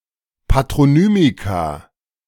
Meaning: plural of Patronymikon
- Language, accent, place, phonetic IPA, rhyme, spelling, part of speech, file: German, Germany, Berlin, [patʁoˈnyːmika], -yːmika, Patronymika, noun, De-Patronymika.ogg